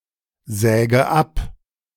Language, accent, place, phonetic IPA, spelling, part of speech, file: German, Germany, Berlin, [ˌzɛːɡə ˈap], säge ab, verb, De-säge ab.ogg
- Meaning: inflection of absägen: 1. first-person singular present 2. first/third-person singular subjunctive I 3. singular imperative